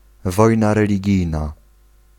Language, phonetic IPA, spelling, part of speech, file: Polish, [ˈvɔjna ˌrɛlʲiˈɟijna], wojna religijna, noun, Pl-wojna religijna.ogg